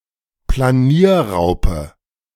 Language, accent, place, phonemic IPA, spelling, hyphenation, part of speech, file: German, Germany, Berlin, /plaˈniːɐˌʁaʊpə/, Planierraupe, Pla‧nier‧rau‧pe, noun, De-Planierraupe.ogg
- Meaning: bulldozer (tractor)